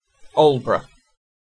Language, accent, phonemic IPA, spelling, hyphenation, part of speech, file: English, UK, /ˈɔːlbrə/, Aldeburgh, Alde‧burgh, proper noun, En-uk-Aldeburgh.ogg
- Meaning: A coastal town and civil parish with a town council in East Suffolk district, Suffolk, England (OS grid ref TM4656)